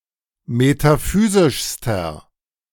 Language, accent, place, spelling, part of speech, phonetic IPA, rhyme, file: German, Germany, Berlin, metaphysischster, adjective, [metaˈfyːzɪʃstɐ], -yːzɪʃstɐ, De-metaphysischster.ogg
- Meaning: inflection of metaphysisch: 1. strong/mixed nominative masculine singular superlative degree 2. strong genitive/dative feminine singular superlative degree 3. strong genitive plural superlative degree